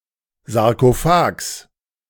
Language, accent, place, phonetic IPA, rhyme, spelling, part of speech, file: German, Germany, Berlin, [zaʁkoˈfaːks], -aːks, Sarkophags, noun, De-Sarkophags.ogg
- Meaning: genitive singular of Sarkophag